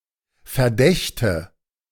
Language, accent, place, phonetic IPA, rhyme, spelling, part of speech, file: German, Germany, Berlin, [fɛɐ̯ˈdɛçtə], -ɛçtə, Verdächte, noun, De-Verdächte.ogg
- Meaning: nominative/accusative/genitive plural of Verdacht